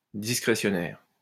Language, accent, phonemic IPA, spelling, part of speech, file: French, France, /dis.kʁe.sjɔ.nɛʁ/, discrétionnaire, adjective, LL-Q150 (fra)-discrétionnaire.wav
- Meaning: discretionary